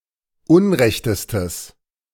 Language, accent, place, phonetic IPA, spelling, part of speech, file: German, Germany, Berlin, [ˈʊnˌʁɛçtəstəs], unrechtestes, adjective, De-unrechtestes.ogg
- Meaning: strong/mixed nominative/accusative neuter singular superlative degree of unrecht